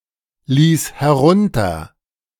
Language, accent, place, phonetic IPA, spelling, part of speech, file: German, Germany, Berlin, [ˌliːs hɛˈʁʊntɐ], ließ herunter, verb, De-ließ herunter.ogg
- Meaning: first/third-person singular preterite of herunterlassen